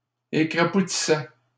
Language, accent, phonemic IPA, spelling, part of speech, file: French, Canada, /e.kʁa.pu.ti.sɛ/, écrapoutissait, verb, LL-Q150 (fra)-écrapoutissait.wav
- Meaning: third-person singular imperfect indicative of écrapoutir